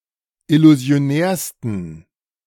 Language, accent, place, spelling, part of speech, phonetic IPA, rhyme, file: German, Germany, Berlin, illusionärsten, adjective, [ɪluzi̯oˈnɛːɐ̯stn̩], -ɛːɐ̯stn̩, De-illusionärsten.ogg
- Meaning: 1. superlative degree of illusionär 2. inflection of illusionär: strong genitive masculine/neuter singular superlative degree